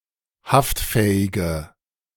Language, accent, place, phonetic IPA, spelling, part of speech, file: German, Germany, Berlin, [ˈhaftˌfɛːɪɡə], haftfähige, adjective, De-haftfähige.ogg
- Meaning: inflection of haftfähig: 1. strong/mixed nominative/accusative feminine singular 2. strong nominative/accusative plural 3. weak nominative all-gender singular